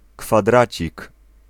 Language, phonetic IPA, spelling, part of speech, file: Polish, [kfaˈdrat͡ɕik], kwadracik, noun, Pl-kwadracik.ogg